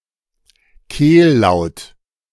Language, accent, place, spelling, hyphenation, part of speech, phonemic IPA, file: German, Germany, Berlin, Kehllaut, Kehl‧laut, noun, /ˈkeː(l)ˌlaʊ̯t/, De-Kehllaut.ogg
- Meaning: 1. A guttural or “throaty” consonant, i.e. one produced deep in the mouth: a uvular, pharyngeal, or glottal 2. synonym of Glottal or Kehlkopflaut (“glottal”)